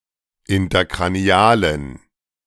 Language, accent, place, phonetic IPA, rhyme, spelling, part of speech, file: German, Germany, Berlin, [ɪntɐkʁaˈni̯aːlən], -aːlən, interkranialen, adjective, De-interkranialen.ogg
- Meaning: inflection of interkranial: 1. strong genitive masculine/neuter singular 2. weak/mixed genitive/dative all-gender singular 3. strong/weak/mixed accusative masculine singular 4. strong dative plural